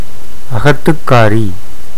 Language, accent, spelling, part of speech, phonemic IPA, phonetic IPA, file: Tamil, India, அகத்துக்காரி, noun, /ɐɡɐt̪ːʊkːɑːɾiː/, [ɐɡɐt̪ːʊkːäːɾiː], Ta-அகத்துக்காரி.ogg
- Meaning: wife